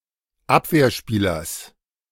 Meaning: genitive of Abwehrspieler
- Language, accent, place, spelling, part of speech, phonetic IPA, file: German, Germany, Berlin, Abwehrspielers, noun, [ˈapveːɐ̯ˌʃpiːlɐs], De-Abwehrspielers.ogg